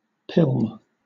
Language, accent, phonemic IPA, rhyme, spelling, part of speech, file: English, Southern England, /ˈpɪlm/, -ɪlm, pilm, noun / verb, LL-Q1860 (eng)-pilm.wav
- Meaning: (noun) dust; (verb) To have dust blow about